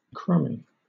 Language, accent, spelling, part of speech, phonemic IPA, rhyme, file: English, Southern England, crumby, adjective, /ˈkɹʌmi/, -ʌmi, LL-Q1860 (eng)-crumby.wav
- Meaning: 1. Alternative spelling of crummy (“bad, poor”) 2. Crumbly; inclined to break into crumbs